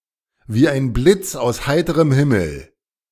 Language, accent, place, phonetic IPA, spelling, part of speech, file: German, Germany, Berlin, [viː aɪ̯n ˌblɪts aʊ̯s ˈhaɪ̯təʁəm hɪml̩], wie ein Blitz aus heiterem Himmel, prepositional phrase, De-wie ein Blitz aus heiterem Himmel.ogg
- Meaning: like a bolt out of the blue, like a bolt from the blue